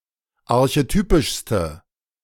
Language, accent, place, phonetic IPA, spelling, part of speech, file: German, Germany, Berlin, [aʁçeˈtyːpɪʃstə], archetypischste, adjective, De-archetypischste.ogg
- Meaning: inflection of archetypisch: 1. strong/mixed nominative/accusative feminine singular superlative degree 2. strong nominative/accusative plural superlative degree